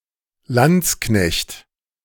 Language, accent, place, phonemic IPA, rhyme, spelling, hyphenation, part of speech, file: German, Germany, Berlin, /ˈlantsˌknɛçt/, -ɛçt, Landsknecht, Lands‧knecht, noun, De-Landsknecht.ogg
- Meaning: 1. lansquenet (German mercenary of the 15th or 16th century) 2. lansquenet (gambling card game)